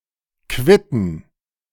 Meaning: plural of Quitte "quinces"
- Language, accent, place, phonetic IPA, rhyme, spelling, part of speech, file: German, Germany, Berlin, [ˈkvɪtn̩], -ɪtn̩, Quitten, noun, De-Quitten.ogg